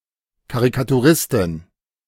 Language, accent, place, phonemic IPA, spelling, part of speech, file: German, Germany, Berlin, /ˌkaʁikatuˈʁɪstɪn/, Karikaturistin, noun, De-Karikaturistin.ogg
- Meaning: caricaturist (female)